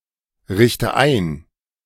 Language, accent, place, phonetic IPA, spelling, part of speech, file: German, Germany, Berlin, [ˌʁɪçtə ˈaɪ̯n], richte ein, verb, De-richte ein.ogg
- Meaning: inflection of einrichten: 1. first-person singular present 2. first/third-person singular subjunctive I 3. singular imperative